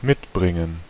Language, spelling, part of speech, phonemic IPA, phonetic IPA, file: German, mitbringen, verb, /ˈmɪtˌbʁɪŋən/, [ˈmɪtʰˌbʁɪŋn̩], De-mitbringen.ogg
- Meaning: 1. to bring (along, with), to accompany 2. to bring (something, especially as a gift) 3. to continue to have (during a transition)